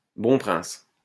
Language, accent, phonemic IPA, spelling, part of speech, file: French, France, /bɔ̃ pʁɛ̃s/, bon prince, adjective, LL-Q150 (fra)-bon prince.wav
- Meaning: magnanimous, generous, sporting, indulgent, benevolent